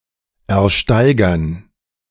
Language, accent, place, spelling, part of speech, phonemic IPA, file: German, Germany, Berlin, ersteigern, verb, /ʔɛɐ̯ˈʃtaɪ̯ɡɐn/, De-ersteigern.ogg
- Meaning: to buy at an auction